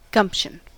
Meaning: 1. Common sense, initiative, resourcefulness 2. Boldness of enterprise; aggressiveness or initiative 3. Energy of body and mind, enthusiasm
- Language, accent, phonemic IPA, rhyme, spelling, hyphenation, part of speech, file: English, General American, /ˈɡʌmpʃən/, -ʌmpʃən, gumption, gump‧tion, noun, En-us-gumption.ogg